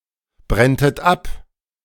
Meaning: second-person plural subjunctive II of abbrennen
- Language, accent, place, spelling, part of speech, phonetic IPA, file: German, Germany, Berlin, brenntet ab, verb, [ˌbʁɛntət ˈap], De-brenntet ab.ogg